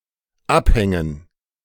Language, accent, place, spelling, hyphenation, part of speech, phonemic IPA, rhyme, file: German, Germany, Berlin, abhängen, ab‧hän‧gen, verb, /ˈʔaphɛŋən/, -ɛŋən, De-abhängen.ogg
- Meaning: 1. to depend (as a necessary condition) 2. to hang out 3. to take down 4. to suspend (e.g., a ceiling) 5. to outpace, to shake off, to leave behind